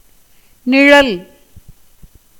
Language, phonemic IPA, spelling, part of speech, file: Tamil, /nɪɻɐl/, நிழல், noun / verb, Ta-நிழல்.ogg
- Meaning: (noun) 1. shadow, shade 2. image, reflection (as in a mirror, water, etc); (verb) 1. to cast shadow; to shade 2. to give shelter 3. to shine 4. to be reflected, as an image